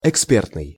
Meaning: expert
- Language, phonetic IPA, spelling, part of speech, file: Russian, [ɪkˈspʲertnɨj], экспертный, adjective, Ru-экспертный.ogg